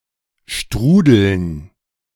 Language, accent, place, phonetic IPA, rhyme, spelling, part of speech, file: German, Germany, Berlin, [ˈʃtʁuːdl̩n], -uːdl̩n, Strudeln, noun, De-Strudeln.ogg
- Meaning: dative plural of Strudel